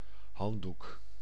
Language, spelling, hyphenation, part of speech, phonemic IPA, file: Dutch, handdoek, hand‧doek, noun, /ˈɦɑn.duk/, Nl-handdoek.ogg
- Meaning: a towel, a cloth used for drying (sometimes for cleaning) one's hands